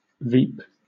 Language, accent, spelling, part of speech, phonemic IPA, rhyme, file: English, Southern England, veep, noun, /viːp/, -iːp, LL-Q1860 (eng)-veep.wav
- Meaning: Abbreviation of Vice President of the United States; the office of Vice President of the United States, especially during an election cycle where several are in the running for the nomination